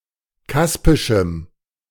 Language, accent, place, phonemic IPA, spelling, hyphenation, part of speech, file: German, Germany, Berlin, /ˈkaspɪʃəm/, kaspischem, kas‧pi‧schem, adjective, De-kaspischem.ogg
- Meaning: strong dative masculine/neuter singular of kaspisch